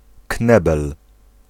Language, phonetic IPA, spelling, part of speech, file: Polish, [ˈknɛbɛl], knebel, noun, Pl-knebel.ogg